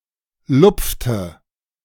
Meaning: inflection of lupfen: 1. first/third-person singular preterite 2. first/third-person singular subjunctive II
- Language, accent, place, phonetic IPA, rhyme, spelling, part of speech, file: German, Germany, Berlin, [ˈlʊp͡ftə], -ʊp͡ftə, lupfte, verb, De-lupfte.ogg